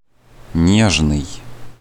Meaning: 1. gentle, tender 2. fond 3. delicate, soft, fine 4. gentle, delicate, tender (sensitive or painful)
- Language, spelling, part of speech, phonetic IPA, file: Russian, нежный, adjective, [ˈnʲeʐnɨj], Ru-нежный.ogg